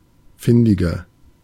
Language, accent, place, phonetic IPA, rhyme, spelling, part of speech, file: German, Germany, Berlin, [ˈfɪndɪɡɐ], -ɪndɪɡɐ, findiger, adjective, De-findiger.ogg
- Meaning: inflection of findig: 1. strong/mixed nominative masculine singular 2. strong genitive/dative feminine singular 3. strong genitive plural